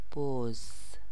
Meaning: goat
- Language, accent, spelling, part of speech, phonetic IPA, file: Persian, Iran, بز, noun, [boz], Fa-بز.ogg